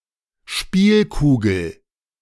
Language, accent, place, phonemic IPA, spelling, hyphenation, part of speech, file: German, Germany, Berlin, /ˈʃpiːlˌkuːɡl̩/, Spielkugel, Spiel‧ku‧gel, noun, De-Spielkugel.ogg
- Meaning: game ball